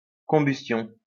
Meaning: combustion, burning, incineration
- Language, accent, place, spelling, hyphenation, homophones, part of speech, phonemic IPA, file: French, France, Lyon, combustion, com‧bus‧tion, combustions, noun, /kɔ̃.bys.tjɔ̃/, LL-Q150 (fra)-combustion.wav